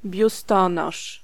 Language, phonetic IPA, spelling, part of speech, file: Polish, [bʲjuˈstɔ̃nɔʃ], biustonosz, noun, Pl-biustonosz.ogg